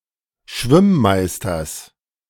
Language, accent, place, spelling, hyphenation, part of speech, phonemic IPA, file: German, Germany, Berlin, Schwimmmeisters, Schwimm‧meis‧ters, noun, /ˈʃvɪmˌmaɪ̯stɐs/, De-Schwimmmeisters.ogg
- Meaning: genitive singular of Schwimmmeister